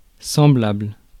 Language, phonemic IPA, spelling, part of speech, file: French, /sɑ̃.blabl/, semblable, adjective / noun, Fr-semblable.ogg
- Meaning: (adjective) similar; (noun) something or someone that belongs to the same kind or species